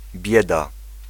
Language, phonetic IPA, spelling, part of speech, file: Polish, [ˈbʲjɛda], bieda, noun, Pl-bieda.ogg